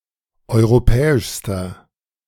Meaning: inflection of europäisch: 1. strong/mixed nominative masculine singular superlative degree 2. strong genitive/dative feminine singular superlative degree 3. strong genitive plural superlative degree
- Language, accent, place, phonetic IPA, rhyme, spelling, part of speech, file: German, Germany, Berlin, [ˌɔɪ̯ʁoˈpɛːɪʃstɐ], -ɛːɪʃstɐ, europäischster, adjective, De-europäischster.ogg